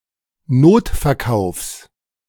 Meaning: genitive singular of Notverkauf
- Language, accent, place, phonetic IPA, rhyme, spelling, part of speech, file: German, Germany, Berlin, [ˈnoːtfɛɐ̯ˌkaʊ̯fs], -oːtfɛɐ̯kaʊ̯fs, Notverkaufs, noun, De-Notverkaufs.ogg